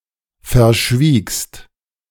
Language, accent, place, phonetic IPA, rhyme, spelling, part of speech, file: German, Germany, Berlin, [fɛɐ̯ˈʃviːkst], -iːkst, verschwiegst, verb, De-verschwiegst.ogg
- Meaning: second-person singular preterite of verschweigen